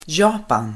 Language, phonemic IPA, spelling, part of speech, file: Swedish, /¹jɑːpan/, Japan, proper noun, Sv-Japan.ogg
- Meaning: Japan (a country in East Asia)